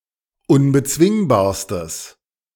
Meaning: strong/mixed nominative/accusative neuter singular superlative degree of unbezwingbar
- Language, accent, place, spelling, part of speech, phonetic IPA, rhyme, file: German, Germany, Berlin, unbezwingbarstes, adjective, [ʊnbəˈt͡svɪŋbaːɐ̯stəs], -ɪŋbaːɐ̯stəs, De-unbezwingbarstes.ogg